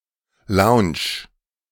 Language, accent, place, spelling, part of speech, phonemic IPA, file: German, Germany, Berlin, Lounge, noun, /laʊ̯nt͡ʃ/, De-Lounge.ogg
- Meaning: 1. lounge (waiting room) 2. lounge (bar)